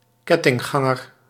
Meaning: chainganger, somebody put to work in a chain gang (a common punishment in colonies)
- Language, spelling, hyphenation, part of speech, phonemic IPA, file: Dutch, kettingganger, ket‧ting‧gan‧ger, noun, /ˈkɛ.tɪŋˌɣɑ.ŋər/, Nl-kettingganger.ogg